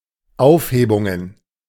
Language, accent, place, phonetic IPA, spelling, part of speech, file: German, Germany, Berlin, [ˈaʊ̯fˌheːbʊŋən], Aufhebungen, noun, De-Aufhebungen.ogg
- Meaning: plural of Aufhebung